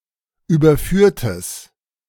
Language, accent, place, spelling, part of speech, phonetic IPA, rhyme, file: German, Germany, Berlin, überführtes, adjective, [ˌyːbɐˈfyːɐ̯təs], -yːɐ̯təs, De-überführtes.ogg
- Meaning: strong/mixed nominative/accusative neuter singular of überführt